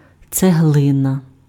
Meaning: brick (hardened rectangular block of mud, clay etc., used for building)
- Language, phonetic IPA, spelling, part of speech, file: Ukrainian, [t͡seˈɦɫɪnɐ], цеглина, noun, Uk-цеглина.ogg